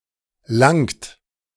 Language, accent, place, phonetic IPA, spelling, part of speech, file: German, Germany, Berlin, [laŋt], langt, verb, De-langt.ogg
- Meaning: inflection of langen: 1. third-person singular present 2. second-person plural present 3. plural imperative